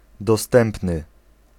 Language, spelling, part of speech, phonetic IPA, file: Polish, dostępny, adjective, [dɔˈstɛ̃mpnɨ], Pl-dostępny.ogg